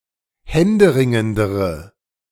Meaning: inflection of händeringend: 1. strong/mixed nominative/accusative feminine singular comparative degree 2. strong nominative/accusative plural comparative degree
- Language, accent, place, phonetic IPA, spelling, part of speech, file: German, Germany, Berlin, [ˈhɛndəˌʁɪŋəndəʁə], händeringendere, adjective, De-händeringendere.ogg